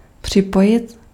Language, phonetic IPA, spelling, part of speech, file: Czech, [ˈpr̝̊ɪpojɪt], připojit, verb, Cs-připojit.ogg
- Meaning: 1. to attach 2. to connect